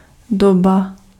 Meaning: 1. age (particular period of time in history) 2. time, period 3. beat
- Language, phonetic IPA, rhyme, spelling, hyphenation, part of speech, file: Czech, [ˈdoba], -oba, doba, do‧ba, noun, Cs-doba.ogg